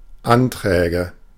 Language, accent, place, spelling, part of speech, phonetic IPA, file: German, Germany, Berlin, Anträge, noun, [ˈantʁɛːɡə], De-Anträge.ogg
- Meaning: nominative/accusative/genitive plural of Antrag